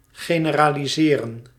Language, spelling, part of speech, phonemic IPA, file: Dutch, generaliseren, verb, /ɣeːnəraːliˈzeːrə(n)/, Nl-generaliseren.ogg
- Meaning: to generalize